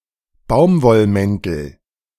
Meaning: nominative/accusative/genitive plural of Baumwollmantel
- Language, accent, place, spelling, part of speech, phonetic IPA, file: German, Germany, Berlin, Baumwollmäntel, noun, [ˈbaʊ̯mvɔlˌmɛntl̩], De-Baumwollmäntel.ogg